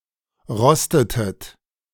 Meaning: inflection of rosten: 1. second-person plural preterite 2. second-person plural subjunctive II
- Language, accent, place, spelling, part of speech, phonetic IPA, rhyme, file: German, Germany, Berlin, rostetet, verb, [ˈʁɔstətət], -ɔstətət, De-rostetet.ogg